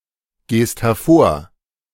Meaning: second-person singular present of hervorgehen
- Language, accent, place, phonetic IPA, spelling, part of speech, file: German, Germany, Berlin, [ˌɡeːst hɛɐ̯ˈfoːɐ̯], gehst hervor, verb, De-gehst hervor.ogg